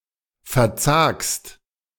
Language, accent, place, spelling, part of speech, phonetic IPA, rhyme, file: German, Germany, Berlin, verzagst, verb, [fɛɐ̯ˈt͡saːkst], -aːkst, De-verzagst.ogg
- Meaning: second-person singular present of verzagen